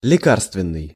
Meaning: medicinal
- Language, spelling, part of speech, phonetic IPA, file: Russian, лекарственный, adjective, [lʲɪˈkarstvʲɪn(ː)ɨj], Ru-лекарственный.ogg